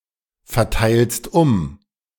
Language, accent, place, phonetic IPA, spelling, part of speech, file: German, Germany, Berlin, [fɛɐ̯ˌtaɪ̯lst ˈʊm], verteilst um, verb, De-verteilst um.ogg
- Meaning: second-person singular present of umverteilen